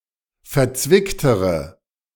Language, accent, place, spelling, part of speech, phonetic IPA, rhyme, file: German, Germany, Berlin, verzwicktere, adjective, [fɛɐ̯ˈt͡svɪktəʁə], -ɪktəʁə, De-verzwicktere.ogg
- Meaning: inflection of verzwickt: 1. strong/mixed nominative/accusative feminine singular comparative degree 2. strong nominative/accusative plural comparative degree